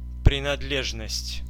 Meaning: 1. belonging, membership, affiliation 2. accessory, article, implement 3. characteristic, attribute, property 4. possession
- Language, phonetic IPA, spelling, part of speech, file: Russian, [prʲɪnɐdˈlʲeʐnəsʲtʲ], принадлежность, noun, Ru-принадлежность.ogg